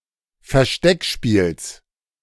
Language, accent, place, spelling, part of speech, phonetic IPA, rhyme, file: German, Germany, Berlin, Versteckspiels, noun, [fɛɐ̯ˈʃtɛkˌʃpiːls], -ɛkʃpiːls, De-Versteckspiels.ogg
- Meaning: genitive singular of Versteckspiel